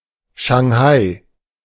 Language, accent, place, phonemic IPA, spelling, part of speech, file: German, Germany, Berlin, /ʃaŋˈhaɪ̯/, Schanghai, proper noun, De-Schanghai.ogg
- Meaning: Shanghai (a major port city and direct-administered municipality of China, the largest urban area in China)